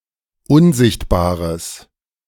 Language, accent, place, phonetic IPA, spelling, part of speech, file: German, Germany, Berlin, [ˈʊnˌzɪçtbaːʁəs], unsichtbares, adjective, De-unsichtbares.ogg
- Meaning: strong/mixed nominative/accusative neuter singular of unsichtbar